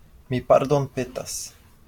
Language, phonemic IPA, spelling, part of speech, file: Esperanto, /mi pardonˈpetas/, mi pardonpetas, interjection, LL-Q143 (epo)-mi pardonpetas.wav
- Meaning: I'm sorry